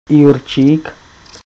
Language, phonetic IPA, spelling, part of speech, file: Czech, [ˈjurt͡ʃiːk], Jurčík, proper noun, Cs-Jurčík.ogg
- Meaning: a male surname